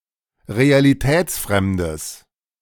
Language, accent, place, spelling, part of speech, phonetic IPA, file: German, Germany, Berlin, realitätsfremdes, adjective, [ʁealiˈtɛːt͡sˌfʁɛmdəs], De-realitätsfremdes.ogg
- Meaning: strong/mixed nominative/accusative neuter singular of realitätsfremd